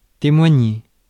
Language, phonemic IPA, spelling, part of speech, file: French, /te.mwa.ɲe/, témoigner, verb, Fr-témoigner.ogg
- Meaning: 1. to witness, to be a witness at or for 2. to demonstrate, show, or prove something